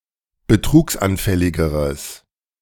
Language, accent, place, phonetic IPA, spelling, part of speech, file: German, Germany, Berlin, [bəˈtʁuːksʔanˌfɛlɪɡəʁəs], betrugsanfälligeres, adjective, De-betrugsanfälligeres.ogg
- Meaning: strong/mixed nominative/accusative neuter singular comparative degree of betrugsanfällig